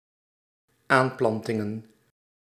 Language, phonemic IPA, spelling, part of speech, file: Dutch, /ˈamplɑntɪŋə(n)/, aanplantingen, noun, Nl-aanplantingen.ogg
- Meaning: plural of aanplanting